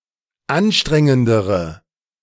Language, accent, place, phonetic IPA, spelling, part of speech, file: German, Germany, Berlin, [ˈanˌʃtʁɛŋəndəʁə], anstrengendere, adjective, De-anstrengendere.ogg
- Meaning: inflection of anstrengend: 1. strong/mixed nominative/accusative feminine singular comparative degree 2. strong nominative/accusative plural comparative degree